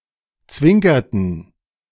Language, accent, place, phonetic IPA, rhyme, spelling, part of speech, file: German, Germany, Berlin, [ˈt͡svɪŋkɐtn̩], -ɪŋkɐtn̩, zwinkerten, verb, De-zwinkerten.ogg
- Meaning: inflection of zwinkern: 1. first/third-person plural preterite 2. first/third-person plural subjunctive II